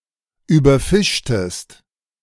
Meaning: inflection of überfischen: 1. second-person singular preterite 2. second-person singular subjunctive II
- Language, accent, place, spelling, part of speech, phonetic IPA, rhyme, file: German, Germany, Berlin, überfischtest, verb, [yːbɐˈfɪʃtəst], -ɪʃtəst, De-überfischtest.ogg